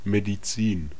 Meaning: 1. medicine (the study of disease and treatment; the profession based thereon) 2. medicine (healing substance or cure)
- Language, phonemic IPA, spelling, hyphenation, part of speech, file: German, /(ˌ)me.di.ˈtsiːn/, Medizin, Me‧di‧zin, noun, De-Medizin.ogg